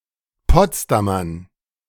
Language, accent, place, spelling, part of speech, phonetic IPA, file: German, Germany, Berlin, Potsdamern, noun, [ˈpɔt͡sdamɐn], De-Potsdamern.ogg
- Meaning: dative plural of Potsdamer